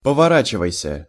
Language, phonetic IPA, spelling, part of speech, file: Russian, [pəvɐˈrat͡ɕɪvəjsʲə], поворачивайся, verb, Ru-поворачивайся.ogg
- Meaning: second-person singular imperative imperfective of повора́чиваться (povoráčivatʹsja)